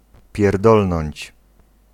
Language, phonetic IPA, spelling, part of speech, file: Polish, [pʲjɛrˈdɔlnɔ̃ɲt͡ɕ], pierdolnąć, verb, Pl-pierdolnąć.ogg